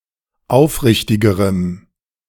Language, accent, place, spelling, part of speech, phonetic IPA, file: German, Germany, Berlin, aufrichtigerem, adjective, [ˈaʊ̯fˌʁɪçtɪɡəʁəm], De-aufrichtigerem.ogg
- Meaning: strong dative masculine/neuter singular comparative degree of aufrichtig